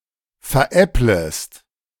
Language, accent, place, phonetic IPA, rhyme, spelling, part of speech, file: German, Germany, Berlin, [fɛɐ̯ˈʔɛpləst], -ɛpləst, veräpplest, verb, De-veräpplest.ogg
- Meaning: second-person singular subjunctive I of veräppeln